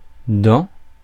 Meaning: plural of dent
- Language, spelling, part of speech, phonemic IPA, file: French, dents, noun, /dɑ̃/, Fr-dents.ogg